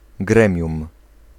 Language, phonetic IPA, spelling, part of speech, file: Polish, [ˈɡrɛ̃mʲjũm], gremium, noun, Pl-gremium.ogg